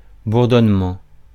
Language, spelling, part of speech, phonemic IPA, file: French, bourdonnement, noun, /buʁ.dɔn.mɑ̃/, Fr-bourdonnement.ogg
- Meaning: 1. buzz, buzzing 2. drone, hum, humming